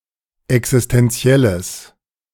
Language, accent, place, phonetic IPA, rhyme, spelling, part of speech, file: German, Germany, Berlin, [ɛksɪstɛnˈt͡si̯ɛləs], -ɛləs, existenzielles, adjective, De-existenzielles.ogg
- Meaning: strong/mixed nominative/accusative neuter singular of existenziell